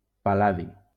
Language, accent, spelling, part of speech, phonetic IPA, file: Catalan, Valencia, pal·ladi, noun, [palˈla.ði], LL-Q7026 (cat)-pal·ladi.wav
- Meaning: palladium